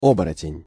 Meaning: 1. werewolf (also werefox and any other werebeast) 2. shapeshifter, turnskin 3. a secret criminal
- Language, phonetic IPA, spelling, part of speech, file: Russian, [ˈobərətʲɪnʲ], оборотень, noun, Ru-оборотень.ogg